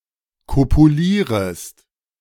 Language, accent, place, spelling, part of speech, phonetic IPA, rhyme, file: German, Germany, Berlin, kopulierest, verb, [ˌkopuˈliːʁəst], -iːʁəst, De-kopulierest.ogg
- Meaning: second-person singular subjunctive I of kopulieren